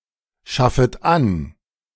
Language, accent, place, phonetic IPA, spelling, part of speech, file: German, Germany, Berlin, [ˌʃafət ˈan], schaffet an, verb, De-schaffet an.ogg
- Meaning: second-person plural subjunctive I of anschaffen